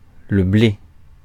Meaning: 1. wheat, corn 2. dough, cash
- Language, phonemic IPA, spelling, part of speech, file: French, /ble/, blé, noun, Fr-blé.ogg